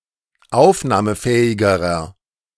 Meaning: inflection of aufnahmefähig: 1. strong/mixed nominative masculine singular comparative degree 2. strong genitive/dative feminine singular comparative degree
- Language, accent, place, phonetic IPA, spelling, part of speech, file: German, Germany, Berlin, [ˈaʊ̯fnaːməˌfɛːɪɡəʁɐ], aufnahmefähigerer, adjective, De-aufnahmefähigerer.ogg